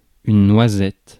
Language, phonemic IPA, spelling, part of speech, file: French, /nwa.zɛt/, noisette, noun, Fr-noisette.ogg
- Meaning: 1. hazelnut 2. noisette 3. knob (of butter etc.) 4. espresso with a little milk